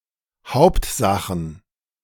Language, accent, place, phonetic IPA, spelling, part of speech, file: German, Germany, Berlin, [ˈhaʊ̯ptˌzaxn̩], Hauptsachen, noun, De-Hauptsachen.ogg
- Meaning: plural of Hauptsache